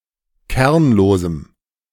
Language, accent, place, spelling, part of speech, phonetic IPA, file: German, Germany, Berlin, kernlosem, adjective, [ˈkɛʁnloːzm̩], De-kernlosem.ogg
- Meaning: strong dative masculine/neuter singular of kernlos